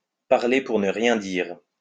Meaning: to be full of hot air, to talk for the sake of talking, to waffle, to blow smoke
- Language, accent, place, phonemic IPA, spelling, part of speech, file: French, France, Lyon, /paʁ.le puʁ nə ʁjɛ̃ diʁ/, parler pour ne rien dire, verb, LL-Q150 (fra)-parler pour ne rien dire.wav